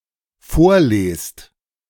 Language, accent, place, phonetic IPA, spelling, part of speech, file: German, Germany, Berlin, [ˈfoːɐ̯ˌleːst], vorlest, verb, De-vorlest.ogg
- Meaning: second-person plural dependent present of vorlesen